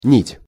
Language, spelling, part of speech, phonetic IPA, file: Russian, нить, noun, [nʲitʲ], Ru-нить.ogg
- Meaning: 1. thread 2. filament 3. topic